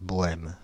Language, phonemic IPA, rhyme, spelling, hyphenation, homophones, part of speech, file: French, /bɔ.ɛm/, -ɛm, bohème, bo‧hème, Bohême / bohême, adjective / noun, Fr-bohème.ogg
- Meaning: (adjective) Bohemian; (noun) the Bohemian lifestyle